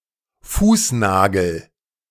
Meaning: toenail
- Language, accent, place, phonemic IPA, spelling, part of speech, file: German, Germany, Berlin, /ˈfuːsˌnaːɡəl/, Fußnagel, noun, De-Fußnagel.ogg